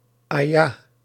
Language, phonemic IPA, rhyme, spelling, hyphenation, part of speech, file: Dutch, /ˈaː.jaː/, -aːjaː, aja, aja, noun, Nl-aja.ogg
- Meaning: ayah, verse of the Qur'an